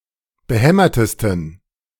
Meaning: 1. superlative degree of behämmert 2. inflection of behämmert: strong genitive masculine/neuter singular superlative degree
- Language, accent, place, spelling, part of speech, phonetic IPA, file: German, Germany, Berlin, behämmertesten, adjective, [bəˈhɛmɐtəstn̩], De-behämmertesten.ogg